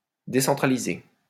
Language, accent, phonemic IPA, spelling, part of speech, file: French, France, /de.sɑ̃.tʁa.li.ze/, décentraliser, verb, LL-Q150 (fra)-décentraliser.wav
- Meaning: to decentralise, to decentralize